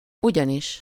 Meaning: as, because (usually if wanting to draw attention to the cause, e.g. because it is surprising)
- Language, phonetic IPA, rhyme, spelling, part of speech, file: Hungarian, [ˈuɟɒniʃ], -iʃ, ugyanis, conjunction, Hu-ugyanis.ogg